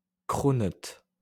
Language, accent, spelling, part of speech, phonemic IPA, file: French, France, cronut, noun, /kʁɔ.nœt/, LL-Q150 (fra)-cronut.wav
- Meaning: cronut